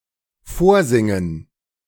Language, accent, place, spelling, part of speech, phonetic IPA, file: German, Germany, Berlin, vorsingen, verb, [ˈfoːɐ̯ˌzɪŋən], De-vorsingen.ogg
- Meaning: 1. to sing (something to someone) 2. to audition